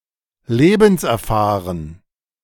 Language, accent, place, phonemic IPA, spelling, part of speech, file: German, Germany, Berlin, /ˈleːbn̩sʔɛɐ̯ˌfaːʁən/, lebenserfahren, adjective, De-lebenserfahren.ogg
- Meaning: experienced (in life)